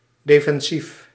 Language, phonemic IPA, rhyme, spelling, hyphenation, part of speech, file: Dutch, /ˌdeː.fɛnˈsif/, -if, defensief, de‧fen‧sief, adjective, Nl-defensief.ogg
- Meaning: defensive